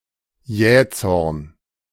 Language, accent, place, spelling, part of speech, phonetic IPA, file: German, Germany, Berlin, Jähzorn, noun, [ˈjɛːˌt͡sɔʁn], De-Jähzorn.ogg
- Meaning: irascibility, violent temper